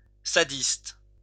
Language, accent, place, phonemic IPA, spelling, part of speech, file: French, France, Lyon, /sa.dist/, sadiste, noun, LL-Q150 (fra)-sadiste.wav
- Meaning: sadist